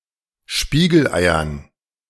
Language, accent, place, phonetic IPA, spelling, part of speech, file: German, Germany, Berlin, [ˈʃpiːɡl̩ˌʔaɪ̯ɐn], Spiegeleiern, noun, De-Spiegeleiern.ogg
- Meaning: dative plural of Spiegelei